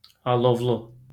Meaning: 1. flaming, fiery 2. ardent, flaming
- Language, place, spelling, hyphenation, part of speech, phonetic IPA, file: Azerbaijani, Baku, alovlu, a‧lov‧lu, adjective, [ɑɫovˈɫu], LL-Q9292 (aze)-alovlu.wav